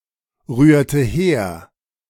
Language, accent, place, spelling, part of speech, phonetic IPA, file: German, Germany, Berlin, rührte her, verb, [ˌʁyːɐ̯tə ˈheːɐ̯], De-rührte her.ogg
- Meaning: inflection of herrühren: 1. first/third-person singular preterite 2. first/third-person singular subjunctive II